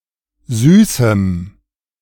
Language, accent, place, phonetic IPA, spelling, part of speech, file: German, Germany, Berlin, [ˈzyːsm̩], süßem, adjective, De-süßem.ogg
- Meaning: strong dative masculine/neuter singular of süß